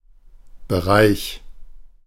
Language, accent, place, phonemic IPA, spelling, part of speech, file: German, Germany, Berlin, /bəˈʁaɪ̯ç/, Bereich, noun, De-Bereich.ogg
- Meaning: 1. area, realm, range, scope 2. course of study or domain of knowledge or practice; field 3. region